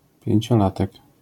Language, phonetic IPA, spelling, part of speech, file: Polish, [ˌpʲjɛ̇̃ɲt͡ɕɔˈlatɛk], pięciolatek, noun, LL-Q809 (pol)-pięciolatek.wav